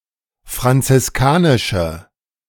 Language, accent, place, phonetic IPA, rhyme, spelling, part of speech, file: German, Germany, Berlin, [fʁant͡sɪsˈkaːnɪʃə], -aːnɪʃə, franziskanische, adjective, De-franziskanische.ogg
- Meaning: inflection of franziskanisch: 1. strong/mixed nominative/accusative feminine singular 2. strong nominative/accusative plural 3. weak nominative all-gender singular